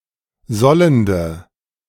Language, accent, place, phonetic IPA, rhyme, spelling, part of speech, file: German, Germany, Berlin, [ˈzɔləndə], -ɔləndə, sollende, adjective, De-sollende.ogg
- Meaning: inflection of sollend: 1. strong/mixed nominative/accusative feminine singular 2. strong nominative/accusative plural 3. weak nominative all-gender singular 4. weak accusative feminine/neuter singular